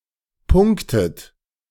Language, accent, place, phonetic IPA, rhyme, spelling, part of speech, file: German, Germany, Berlin, [ˈpʊŋktət], -ʊŋktət, punktet, verb, De-punktet.ogg
- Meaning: inflection of punkten: 1. third-person singular present 2. second-person plural present 3. plural imperative 4. second-person plural subjunctive I